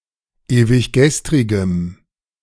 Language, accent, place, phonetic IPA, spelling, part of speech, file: German, Germany, Berlin, [eːvɪçˈɡɛstʁɪɡəm], ewiggestrigem, adjective, De-ewiggestrigem.ogg
- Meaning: strong dative masculine/neuter singular of ewiggestrig